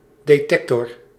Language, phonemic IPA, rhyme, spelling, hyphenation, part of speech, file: Dutch, /ˌdeːˈtɛk.tɔr/, -ɛktɔr, detector, de‧tec‧tor, noun, Nl-detector.ogg
- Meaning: detector